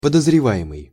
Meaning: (verb) present passive imperfective participle of подозрева́ть (podozrevátʹ); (noun) suspect
- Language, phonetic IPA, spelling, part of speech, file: Russian, [pədəzrʲɪˈva(j)ɪmɨj], подозреваемый, verb / noun, Ru-подозреваемый.ogg